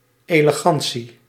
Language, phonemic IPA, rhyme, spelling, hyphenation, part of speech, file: Dutch, /ˌeːləˈɣɑn.si/, -ɑnsi, elegantie, ele‧gan‧tie, noun, Nl-elegantie.ogg
- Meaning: elegance